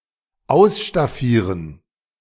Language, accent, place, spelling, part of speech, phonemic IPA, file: German, Germany, Berlin, ausstaffieren, verb, /ˈaʊ̯s.ʃtaˈfiː.ʁən/, De-ausstaffieren.ogg
- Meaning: to equip, to furnish